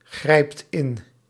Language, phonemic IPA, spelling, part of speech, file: Dutch, /ˈɣrɛipt ˈɪn/, grijpt in, verb, Nl-grijpt in.ogg
- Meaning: inflection of ingrijpen: 1. second/third-person singular present indicative 2. plural imperative